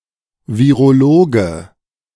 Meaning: virologist (male or of unspecified gender)
- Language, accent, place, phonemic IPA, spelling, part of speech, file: German, Germany, Berlin, /viʁoˈloːɡə/, Virologe, noun, De-Virologe.ogg